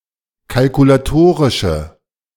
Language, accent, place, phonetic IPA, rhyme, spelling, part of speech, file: German, Germany, Berlin, [kalkulaˈtoːʁɪʃə], -oːʁɪʃə, kalkulatorische, adjective, De-kalkulatorische.ogg
- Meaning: inflection of kalkulatorisch: 1. strong/mixed nominative/accusative feminine singular 2. strong nominative/accusative plural 3. weak nominative all-gender singular